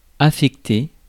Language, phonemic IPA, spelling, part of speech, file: French, /a.fɛk.te/, affecté, verb, Fr-affecté.ogg
- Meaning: past participle of affecter